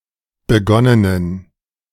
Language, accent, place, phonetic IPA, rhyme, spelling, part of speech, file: German, Germany, Berlin, [bəˈɡɔnənən], -ɔnənən, begonnenen, adjective, De-begonnenen.ogg
- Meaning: inflection of begonnen: 1. strong genitive masculine/neuter singular 2. weak/mixed genitive/dative all-gender singular 3. strong/weak/mixed accusative masculine singular 4. strong dative plural